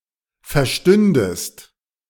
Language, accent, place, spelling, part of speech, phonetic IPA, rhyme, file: German, Germany, Berlin, verstündest, verb, [fɛɐ̯ˈʃtʏndəst], -ʏndəst, De-verstündest.ogg
- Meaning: second-person singular subjunctive II of verstehen